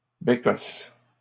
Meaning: 1. outhouse toilet 2. any toilet, especially an outdoor or makeshift one
- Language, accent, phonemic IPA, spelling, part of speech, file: French, Canada, /be.kɔs/, bécosses, noun, LL-Q150 (fra)-bécosses.wav